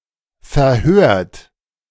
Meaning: 1. past participle of verhören 2. inflection of verhören: second-person plural present 3. inflection of verhören: third-person singular present 4. inflection of verhören: plural imperative
- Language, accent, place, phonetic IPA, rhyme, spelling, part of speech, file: German, Germany, Berlin, [fɛɐ̯ˈhøːɐ̯t], -øːɐ̯t, verhört, verb, De-verhört.ogg